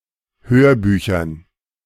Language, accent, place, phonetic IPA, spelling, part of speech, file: German, Germany, Berlin, [ˈhøːɐ̯ˌbyːçɐn], Hörbüchern, noun, De-Hörbüchern.ogg
- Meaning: dative plural of Hörbuch